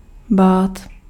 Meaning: 1. to be afraid of, to fear 2. to be afraid or to fear
- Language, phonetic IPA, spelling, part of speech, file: Czech, [ˈbaːt], bát, verb, Cs-bát.ogg